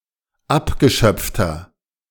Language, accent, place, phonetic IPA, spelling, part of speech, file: German, Germany, Berlin, [ˈapɡəˌʃœp͡ftɐ], abgeschöpfter, adjective, De-abgeschöpfter.ogg
- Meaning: inflection of abgeschöpft: 1. strong/mixed nominative masculine singular 2. strong genitive/dative feminine singular 3. strong genitive plural